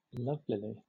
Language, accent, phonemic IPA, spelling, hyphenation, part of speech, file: English, Southern England, /ˈlʌvlɪli/, lovelily, love‧li‧ly, adverb, LL-Q1860 (eng)-lovelily.wav
- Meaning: In a lovely way.: 1. In a manner to excite or inspire admiration or love; admirably, beautifully, wonderfully 2. In a friendly or pleasant manner; amiably, kindly, pleasantly